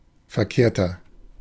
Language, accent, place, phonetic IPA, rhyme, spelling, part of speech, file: German, Germany, Berlin, [fɛɐ̯ˈkeːɐ̯tɐ], -eːɐ̯tɐ, verkehrter, adjective, De-verkehrter.ogg
- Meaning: 1. comparative degree of verkehrt 2. inflection of verkehrt: strong/mixed nominative masculine singular 3. inflection of verkehrt: strong genitive/dative feminine singular